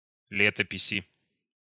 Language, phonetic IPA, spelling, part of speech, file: Russian, [ˈlʲetəpʲɪsʲɪ], летописи, noun, Ru-летописи.ogg
- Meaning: inflection of ле́топись (létopisʹ): 1. genitive/dative/prepositional singular 2. nominative/accusative plural